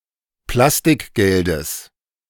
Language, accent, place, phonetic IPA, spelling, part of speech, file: German, Germany, Berlin, [ˈplastɪkˌɡɛldəs], Plastikgeldes, noun, De-Plastikgeldes.ogg
- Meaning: genitive singular of Plastikgeld